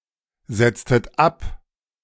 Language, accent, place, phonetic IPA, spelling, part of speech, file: German, Germany, Berlin, [ˌz̥ɛt͡stət ˈap], setztet ab, verb, De-setztet ab.ogg
- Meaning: inflection of absetzen: 1. second-person plural preterite 2. second-person plural subjunctive II